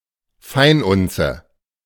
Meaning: 1. troy ounce 2. fine ounce (of gold)
- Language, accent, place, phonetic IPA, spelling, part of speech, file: German, Germany, Berlin, [ˈfaɪ̯nˌʔʊnt͡sə], Feinunze, noun, De-Feinunze.ogg